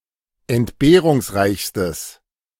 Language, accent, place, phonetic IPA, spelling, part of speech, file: German, Germany, Berlin, [ɛntˈbeːʁʊŋsˌʁaɪ̯çstəs], entbehrungsreichstes, adjective, De-entbehrungsreichstes.ogg
- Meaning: strong/mixed nominative/accusative neuter singular superlative degree of entbehrungsreich